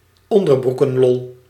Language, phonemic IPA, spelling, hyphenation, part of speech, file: Dutch, /ˈɔn.dər.bru.kə(n)ˌlɔl/, onderbroekenlol, on‧der‧broe‧ken‧lol, noun, Nl-onderbroekenlol.ogg
- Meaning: toilet humour (vulgar or silly humour, mainly pertaining to sexuality and the secretional functions of the digestive system)